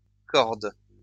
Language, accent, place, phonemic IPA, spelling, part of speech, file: French, France, Lyon, /kɔʁd/, cordes, noun, LL-Q150 (fra)-cordes.wav
- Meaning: plural of corde